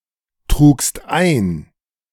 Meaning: second-person singular preterite of eintragen
- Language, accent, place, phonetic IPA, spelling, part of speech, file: German, Germany, Berlin, [ˌtʁuːkst ˈaɪ̯n], trugst ein, verb, De-trugst ein.ogg